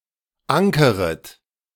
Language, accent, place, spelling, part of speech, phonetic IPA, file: German, Germany, Berlin, ankeret, verb, [ˈaŋkəʁət], De-ankeret.ogg
- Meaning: second-person plural subjunctive I of ankern